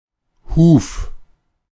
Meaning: 1. hoof 2. the human foot
- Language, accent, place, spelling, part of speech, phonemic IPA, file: German, Germany, Berlin, Huf, noun, /huːf/, De-Huf.ogg